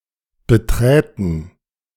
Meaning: first/third-person plural subjunctive II of betreten
- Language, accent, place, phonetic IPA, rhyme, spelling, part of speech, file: German, Germany, Berlin, [bəˈtʁɛːtn̩], -ɛːtn̩, beträten, verb, De-beträten.ogg